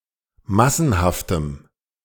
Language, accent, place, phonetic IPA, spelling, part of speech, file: German, Germany, Berlin, [ˈmasn̩haftəm], massenhaftem, adjective, De-massenhaftem.ogg
- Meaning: strong dative masculine/neuter singular of massenhaft